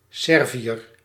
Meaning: 1. Serb 2. an inhabitant of Serbia, formerly in Yugoslavia
- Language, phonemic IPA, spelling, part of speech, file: Dutch, /ˈsɛrvi.jər/, Serviër, noun, Nl-Serviër.ogg